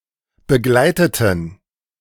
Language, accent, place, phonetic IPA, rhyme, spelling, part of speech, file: German, Germany, Berlin, [bəˈɡlaɪ̯tətn̩], -aɪ̯tətn̩, begleiteten, adjective / verb, De-begleiteten.ogg
- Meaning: inflection of begleiten: 1. first/third-person plural preterite 2. first/third-person plural subjunctive II